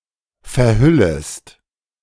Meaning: second-person singular subjunctive I of verhüllen
- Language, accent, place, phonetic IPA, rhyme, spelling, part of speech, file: German, Germany, Berlin, [fɛɐ̯ˈhʏləst], -ʏləst, verhüllest, verb, De-verhüllest.ogg